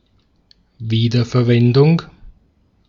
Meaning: reuse, recycling, reutilization
- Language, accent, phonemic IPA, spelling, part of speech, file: German, Austria, /ˌviːdɐfɛɐ̯ˈvɛndʊŋ/, Wiederverwendung, noun, De-at-Wiederverwendung.ogg